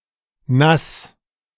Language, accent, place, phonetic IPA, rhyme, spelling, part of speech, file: German, Germany, Berlin, [nas], -as, Nass, noun, De-Nass.ogg
- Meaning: 1. moisture 2. a nickname for a heavy drinker or a topographic name for someone living on wet land, or around moisture (ex:Swamp, Marsh)